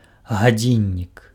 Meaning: clock
- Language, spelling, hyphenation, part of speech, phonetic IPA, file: Belarusian, гадзіннік, га‧дзін‧нік, noun, [ɣaˈd͡zʲinʲːik], Be-гадзіннік.ogg